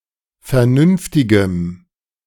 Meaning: strong dative masculine/neuter singular of vernünftig
- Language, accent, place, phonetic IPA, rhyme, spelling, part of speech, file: German, Germany, Berlin, [fɛɐ̯ˈnʏnftɪɡəm], -ʏnftɪɡəm, vernünftigem, adjective, De-vernünftigem.ogg